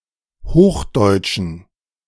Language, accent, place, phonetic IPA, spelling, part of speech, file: German, Germany, Berlin, [ˈhoːxˌdɔɪ̯t͡ʃn̩], hochdeutschen, adjective, De-hochdeutschen.ogg
- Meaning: inflection of hochdeutsch: 1. strong genitive masculine/neuter singular 2. weak/mixed genitive/dative all-gender singular 3. strong/weak/mixed accusative masculine singular 4. strong dative plural